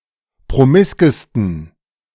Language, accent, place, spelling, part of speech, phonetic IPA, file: German, Germany, Berlin, promiskesten, adjective, [pʁoˈmɪskəstn̩], De-promiskesten.ogg
- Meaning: 1. superlative degree of promisk 2. inflection of promisk: strong genitive masculine/neuter singular superlative degree